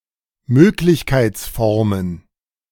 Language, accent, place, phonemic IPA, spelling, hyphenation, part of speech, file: German, Germany, Berlin, /ˈmøːklɪçkaɪ̯t͡sˌfɔʁmən/, Möglichkeitsformen, Mög‧lich‧keits‧for‧men, noun, De-Möglichkeitsformen.ogg
- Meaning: plural of Möglichkeitsform